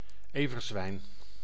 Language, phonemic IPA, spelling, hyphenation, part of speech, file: Dutch, /ˈeː.vərˌzʋɛi̯n/, everzwijn, ever‧zwijn, noun, Nl-everzwijn.ogg
- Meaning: wild boar (Sus scrofa)